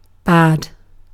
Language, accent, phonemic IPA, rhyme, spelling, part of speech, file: English, UK, /bæd/, -æd, bad, adjective / adverb / noun / interjection / verb, En-uk-bad.ogg
- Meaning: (adjective) 1. Of low quality 2. Inaccurate; incorrect 3. Unfavorable; negative; not good 4. Not suitable or fitting 5. Not appropriate, of manners etc